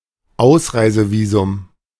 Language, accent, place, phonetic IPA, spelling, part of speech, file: German, Germany, Berlin, [ˈaʊ̯sʀaɪ̯zəviːzʊm], Ausreisevisum, noun, De-Ausreisevisum.ogg
- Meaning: exit visa